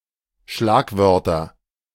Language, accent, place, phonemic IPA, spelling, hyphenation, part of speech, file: German, Germany, Berlin, /ˈʃlaːkˌvœʁtɐ/, Schlagwörter, Schlag‧wör‧ter, noun, De-Schlagwörter.ogg
- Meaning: 1. nominative plural of Schlagwort 2. genitive plural of Schlagwort 3. accusative plural of Schlagwort